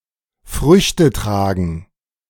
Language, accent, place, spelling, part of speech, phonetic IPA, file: German, Germany, Berlin, Früchte tragen, verb, [ˈfʀʏçtə ˈtʀaːɡn̩], De-Früchte tragen.ogg
- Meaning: to bear fruit